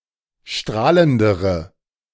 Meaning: inflection of strahlend: 1. strong/mixed nominative/accusative feminine singular comparative degree 2. strong nominative/accusative plural comparative degree
- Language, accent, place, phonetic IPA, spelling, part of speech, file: German, Germany, Berlin, [ˈʃtʁaːləndəʁə], strahlendere, adjective, De-strahlendere.ogg